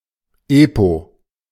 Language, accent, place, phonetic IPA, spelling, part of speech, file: German, Germany, Berlin, [ˈeːpo], EPO, abbreviation, De-EPO.ogg
- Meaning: initialism of Europäische Patentorganisation